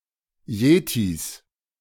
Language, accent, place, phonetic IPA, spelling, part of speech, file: German, Germany, Berlin, [ˈjeːtis], Yetis, noun, De-Yetis.ogg
- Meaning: 1. genitive singular of Yeti 2. plural of Yeti